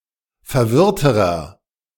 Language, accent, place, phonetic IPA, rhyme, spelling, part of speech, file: German, Germany, Berlin, [fɛɐ̯ˈvɪʁtəʁɐ], -ɪʁtəʁɐ, verwirrterer, adjective, De-verwirrterer.ogg
- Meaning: inflection of verwirrt: 1. strong/mixed nominative masculine singular comparative degree 2. strong genitive/dative feminine singular comparative degree 3. strong genitive plural comparative degree